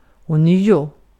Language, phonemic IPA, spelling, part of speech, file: Swedish, /ɔ²nyːʊ/, ånyo, adverb, Sv-ånyo.ogg
- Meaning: anew